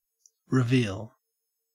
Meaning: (noun) 1. The outer side of a window or door frame 2. A revelation; an uncovering of what was hidden in the scene or story; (verb) To uncover; to show and display that which was hidden or unknown
- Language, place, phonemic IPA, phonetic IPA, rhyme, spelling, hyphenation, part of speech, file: English, Queensland, /ɹɪˈviːl/, [ɹɪˈvɪil], -iːl, reveal, re‧veal, noun / verb, En-au-reveal.ogg